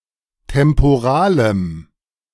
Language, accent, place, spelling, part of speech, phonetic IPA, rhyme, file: German, Germany, Berlin, temporalem, adjective, [tɛmpoˈʁaːləm], -aːləm, De-temporalem.ogg
- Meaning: strong dative masculine/neuter singular of temporal